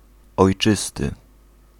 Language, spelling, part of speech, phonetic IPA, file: Polish, ojczysty, adjective, [ɔjˈt͡ʃɨstɨ], Pl-ojczysty.ogg